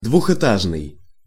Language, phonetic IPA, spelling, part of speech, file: Russian, [dvʊxɨˈtaʐnɨj], двухэтажный, adjective, Ru-двухэтажный.ogg
- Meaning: 1. two-story 2. double-decker